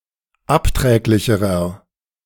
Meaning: inflection of abträglich: 1. strong/mixed nominative masculine singular comparative degree 2. strong genitive/dative feminine singular comparative degree 3. strong genitive plural comparative degree
- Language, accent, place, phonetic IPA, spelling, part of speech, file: German, Germany, Berlin, [ˈapˌtʁɛːklɪçəʁɐ], abträglicherer, adjective, De-abträglicherer.ogg